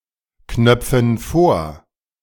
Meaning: inflection of vorknöpfen: 1. first/third-person plural present 2. first/third-person plural subjunctive I
- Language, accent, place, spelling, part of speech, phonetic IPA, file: German, Germany, Berlin, knöpfen vor, verb, [ˌknœp͡fn̩ ˈfoːɐ̯], De-knöpfen vor.ogg